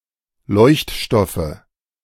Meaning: nominative/accusative/genitive plural of Leuchtstoff
- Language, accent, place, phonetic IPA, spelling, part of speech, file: German, Germany, Berlin, [ˈlɔɪ̯çtˌʃtɔfə], Leuchtstoffe, noun, De-Leuchtstoffe.ogg